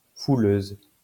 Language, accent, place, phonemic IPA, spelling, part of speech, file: French, France, Lyon, /fu.løz/, fouleuse, noun, LL-Q150 (fra)-fouleuse.wav
- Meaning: female equivalent of fouleur